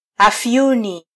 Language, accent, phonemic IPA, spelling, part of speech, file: Swahili, Kenya, /ɑfˈju.ni/, afyuni, noun, Sw-ke-afyuni.flac
- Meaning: opium